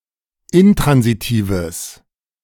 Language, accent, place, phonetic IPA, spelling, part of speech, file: German, Germany, Berlin, [ˈɪntʁanziˌtiːvəs], intransitives, adjective, De-intransitives.ogg
- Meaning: strong/mixed nominative/accusative neuter singular of intransitiv